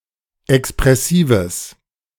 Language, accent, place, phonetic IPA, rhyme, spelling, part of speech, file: German, Germany, Berlin, [ɛkspʁɛˈsiːvəs], -iːvəs, expressives, adjective, De-expressives.ogg
- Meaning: strong/mixed nominative/accusative neuter singular of expressiv